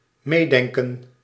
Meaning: to think along
- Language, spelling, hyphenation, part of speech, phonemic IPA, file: Dutch, meedenken, mee‧den‧ken, verb, /ˈmeː.dɛŋ.kə(n)/, Nl-meedenken.ogg